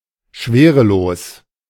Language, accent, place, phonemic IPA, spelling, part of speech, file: German, Germany, Berlin, /ˈʃveːʁəˌloːs/, schwerelos, adjective, De-schwerelos.ogg
- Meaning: weightless